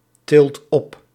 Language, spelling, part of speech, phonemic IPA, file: Dutch, tilt op, verb, /ˈtɪlt ˈɔp/, Nl-tilt op.ogg
- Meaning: inflection of optillen: 1. second/third-person singular present indicative 2. plural imperative